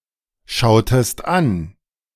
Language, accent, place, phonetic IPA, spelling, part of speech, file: German, Germany, Berlin, [ˌʃaʊ̯təst ˈan], schautest an, verb, De-schautest an.ogg
- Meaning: inflection of anschauen: 1. second-person singular preterite 2. second-person singular subjunctive II